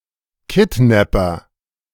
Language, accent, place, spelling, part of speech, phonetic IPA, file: German, Germany, Berlin, Kidnapper, noun, [ˈkɪtˌnɛpɐ], De-Kidnapper.ogg
- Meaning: kidnapper